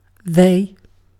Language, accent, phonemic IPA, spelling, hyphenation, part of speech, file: English, Received Pronunciation, /ˈðeɪ̯/, they, they, pronoun / determiner / verb / noun, En-uk-they.ogg
- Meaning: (pronoun) 1. A group of entities previously mentioned 2. A single person, previously mentioned, whose gender is unknown, irrelevant, or non-binary.: One whose gender is unknown, irrelevant, or both